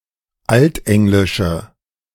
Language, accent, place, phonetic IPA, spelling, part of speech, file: German, Germany, Berlin, [ˈaltˌʔɛŋlɪʃə], altenglische, adjective, De-altenglische.ogg
- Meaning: inflection of altenglisch: 1. strong/mixed nominative/accusative feminine singular 2. strong nominative/accusative plural 3. weak nominative all-gender singular